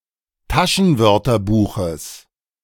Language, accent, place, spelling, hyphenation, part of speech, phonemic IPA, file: German, Germany, Berlin, Taschenwörterbuches, Ta‧schen‧wör‧ter‧bu‧ches, noun, /ˈtaʃənˌvœʁtɐbuːxəs/, De-Taschenwörterbuches.ogg
- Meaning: genitive singular of Taschenwörterbuch